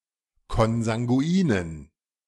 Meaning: inflection of konsanguin: 1. strong genitive masculine/neuter singular 2. weak/mixed genitive/dative all-gender singular 3. strong/weak/mixed accusative masculine singular 4. strong dative plural
- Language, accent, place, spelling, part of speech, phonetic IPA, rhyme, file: German, Germany, Berlin, konsanguinen, adjective, [kɔnzaŋɡuˈiːnən], -iːnən, De-konsanguinen.ogg